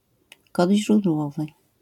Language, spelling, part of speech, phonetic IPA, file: Polish, kod źródłowy, noun, [ˈkɔdʲ ʑrudˈwɔvɨ], LL-Q809 (pol)-kod źródłowy.wav